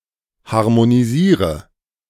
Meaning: inflection of harmonisieren: 1. first-person singular present 2. singular imperative 3. first/third-person singular subjunctive I
- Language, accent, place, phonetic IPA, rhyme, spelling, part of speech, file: German, Germany, Berlin, [haʁmoniˈziːʁə], -iːʁə, harmonisiere, verb, De-harmonisiere.ogg